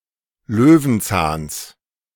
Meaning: genitive singular of Löwenzahn
- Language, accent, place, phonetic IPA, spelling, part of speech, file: German, Germany, Berlin, [ˈløːvn̩ˌt͡saːns], Löwenzahns, noun, De-Löwenzahns.ogg